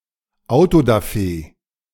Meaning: auto da fe
- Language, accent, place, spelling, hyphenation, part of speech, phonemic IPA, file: German, Germany, Berlin, Autodafé, Au‧to‧da‧fé, noun, /aʊ̯todaˈfeː/, De-Autodafé.ogg